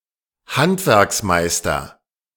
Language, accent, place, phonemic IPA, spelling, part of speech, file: German, Germany, Berlin, /ˈhantvɛʁksmaɪ̯stɐ/, Handwerksmeister, noun, De-Handwerksmeister.ogg
- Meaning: master craftsman